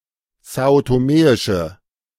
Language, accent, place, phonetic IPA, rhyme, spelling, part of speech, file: German, Germany, Berlin, [ˌzaːotoˈmeːɪʃə], -eːɪʃə, são-toméische, adjective, De-são-toméische.ogg
- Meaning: inflection of são-toméisch: 1. strong/mixed nominative/accusative feminine singular 2. strong nominative/accusative plural 3. weak nominative all-gender singular